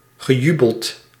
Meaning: past participle of jubelen
- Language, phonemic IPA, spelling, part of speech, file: Dutch, /ɣəˈjybəlt/, gejubeld, verb, Nl-gejubeld.ogg